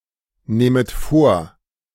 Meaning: second-person plural subjunctive I of vornehmen
- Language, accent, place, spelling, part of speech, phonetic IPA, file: German, Germany, Berlin, nehmet vor, verb, [ˌneːmət ˈfoːɐ̯], De-nehmet vor.ogg